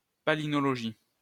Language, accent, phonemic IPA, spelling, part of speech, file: French, France, /pa.li.nɔ.lɔ.ʒi/, palynologie, noun, LL-Q150 (fra)-palynologie.wav
- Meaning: palynology (study of spores, pollen etc.)